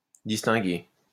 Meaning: past participle of distinguer
- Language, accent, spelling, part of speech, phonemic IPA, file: French, France, distingué, verb, /dis.tɛ̃.ɡe/, LL-Q150 (fra)-distingué.wav